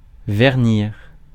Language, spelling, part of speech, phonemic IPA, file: French, vernir, verb, /vɛʁ.niʁ/, Fr-vernir.ogg
- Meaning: to varnish